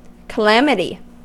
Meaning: 1. An event resulting in great loss 2. The distress that results from some disaster
- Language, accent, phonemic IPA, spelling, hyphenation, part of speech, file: English, US, /kəˈlæmɪti/, calamity, ca‧lam‧i‧ty, noun, En-us-calamity.ogg